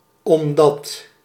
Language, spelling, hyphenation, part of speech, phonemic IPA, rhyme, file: Dutch, omdat, om‧dat, conjunction, /ɔmˈdɑt/, -ɑt, Nl-omdat.ogg
- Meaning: because